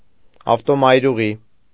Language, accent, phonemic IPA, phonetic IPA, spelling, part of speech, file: Armenian, Eastern Armenian, /ɑftomɑjɾuˈʁi/, [ɑftomɑjɾuʁí], ավտոմայրուղի, noun, Hy-ավտոմայրուղի.ogg
- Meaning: freeway